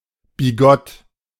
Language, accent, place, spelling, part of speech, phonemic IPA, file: German, Germany, Berlin, bigott, adjective, /biˈɡɔt/, De-bigott.ogg
- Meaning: 1. hypocritical; sanctimonious 2. narrow-minded; bigoted; usually implying religious intolerance and pettiness but less associated with racism than the contemporary English word